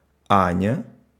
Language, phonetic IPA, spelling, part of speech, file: Russian, [ˈanʲə], Аня, proper noun, Ru-Аня.ogg
- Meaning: a diminutive of the female given name А́нна (Ánna), equivalent to English Anya